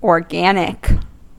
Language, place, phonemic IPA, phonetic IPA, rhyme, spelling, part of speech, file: English, California, /oɹˈɡænɪk/, [oɹˈɡɛənɪk], -ænɪk, organic, adjective / noun, En-us-organic.ogg
- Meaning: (adjective) 1. Pertaining to or derived from living organisms 2. Pertaining to an organ of the body of a living organism 3. Relating to the compounds of carbon, relating to natural products